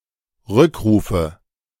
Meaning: nominative/accusative/genitive plural of Rückruf
- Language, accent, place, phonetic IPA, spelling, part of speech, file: German, Germany, Berlin, [ˈʁʏkˌʁuːfə], Rückrufe, noun, De-Rückrufe.ogg